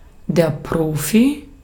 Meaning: 1. pro (professional sports player) 2. pro (expert, one who is very good at something) 3. pro (one who does something for payment, rather than as an amateur)
- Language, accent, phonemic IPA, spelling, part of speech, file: German, Austria, /ˈpʁoːfi/, Profi, noun, De-at-Profi.ogg